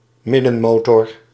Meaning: someone or something that is average or mediocre
- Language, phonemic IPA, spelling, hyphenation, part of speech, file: Dutch, /ˈmɪ.də(n)ˌmoː.tər/, middenmoter, mid‧den‧mo‧ter, noun, Nl-middenmoter.ogg